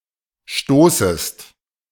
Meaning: second-person singular subjunctive I of stoßen
- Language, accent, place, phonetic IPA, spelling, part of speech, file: German, Germany, Berlin, [ˈʃtoːsəst], stoßest, verb, De-stoßest.ogg